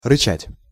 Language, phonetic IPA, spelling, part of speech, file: Russian, [rɨˈt͡ɕætʲ], рычать, verb, Ru-рычать.ogg
- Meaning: to grumble, to growl, to snarl (to make a low growling or rumbling animal noise)